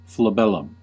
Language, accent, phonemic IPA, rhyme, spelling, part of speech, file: English, US, /fləˈbɛləm/, -ɛləm, flabellum, noun, En-us-flabellum.ogg
- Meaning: 1. A large fan used for religious ceremonies 2. Any fan-shaped structure